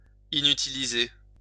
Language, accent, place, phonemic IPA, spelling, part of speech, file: French, France, Lyon, /i.ny.ti.li.ze/, inutiliser, verb, LL-Q150 (fra)-inutiliser.wav
- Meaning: to make unusable